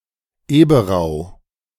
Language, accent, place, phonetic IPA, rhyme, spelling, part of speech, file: German, Germany, Berlin, [eːbəˈʁaʊ̯], -aʊ̯, Eberau, proper noun, De-Eberau.ogg
- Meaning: a municipality of Burgenland, Austria